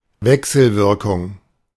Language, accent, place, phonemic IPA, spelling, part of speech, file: German, Germany, Berlin, /ˈvɛksl̩ˌvɪʁkʊŋ/, Wechselwirkung, noun, De-Wechselwirkung.ogg
- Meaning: interaction